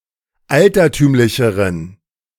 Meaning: inflection of altertümlich: 1. strong genitive masculine/neuter singular comparative degree 2. weak/mixed genitive/dative all-gender singular comparative degree
- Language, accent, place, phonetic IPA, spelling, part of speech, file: German, Germany, Berlin, [ˈaltɐˌtyːmlɪçəʁən], altertümlicheren, adjective, De-altertümlicheren.ogg